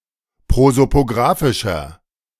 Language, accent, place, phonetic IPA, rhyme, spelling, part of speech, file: German, Germany, Berlin, [ˌpʁozopoˈɡʁaːfɪʃɐ], -aːfɪʃɐ, prosopografischer, adjective, De-prosopografischer.ogg
- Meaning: inflection of prosopografisch: 1. strong/mixed nominative masculine singular 2. strong genitive/dative feminine singular 3. strong genitive plural